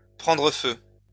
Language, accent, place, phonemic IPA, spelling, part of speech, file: French, France, Lyon, /pʁɑ̃.dʁə fø/, prendre feu, verb, LL-Q150 (fra)-prendre feu.wav
- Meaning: to catch fire, to burst into flame